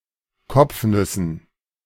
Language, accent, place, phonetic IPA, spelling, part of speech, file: German, Germany, Berlin, [ˈkɔp͡fˌnʏsn̩], Kopfnüssen, noun, De-Kopfnüssen.ogg
- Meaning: dative plural of Kopfnuss